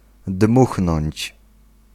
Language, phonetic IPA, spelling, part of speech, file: Polish, [ˈdmuxnɔ̃ɲt͡ɕ], dmuchnąć, verb, Pl-dmuchnąć.ogg